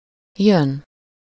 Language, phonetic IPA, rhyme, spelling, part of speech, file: Hungarian, [ˈjøn], -øn, jön, verb, Hu-jön.ogg
- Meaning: 1. to come 2. to get into a state (e.g. motion, excitement) 3. to be one’s turn, to be in turn, to be next (to succeed in a sequence) 4. to owe (someone: -nak/-nek)